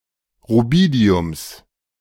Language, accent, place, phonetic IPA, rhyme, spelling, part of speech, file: German, Germany, Berlin, [ʁuˈbiːdi̯ʊms], -iːdi̯ʊms, Rubidiums, noun, De-Rubidiums.ogg
- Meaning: genitive singular of Rubidium